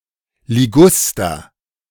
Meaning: privet
- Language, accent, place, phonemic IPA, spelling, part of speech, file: German, Germany, Berlin, /lɪˈɡʊstɐ/, Liguster, noun, De-Liguster.ogg